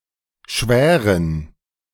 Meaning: to fester, to suppurate, to ulcerate and to hurt
- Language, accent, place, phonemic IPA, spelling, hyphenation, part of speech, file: German, Germany, Berlin, /ˈʃvɛːrən/, schwären, schwä‧ren, verb, De-schwären.ogg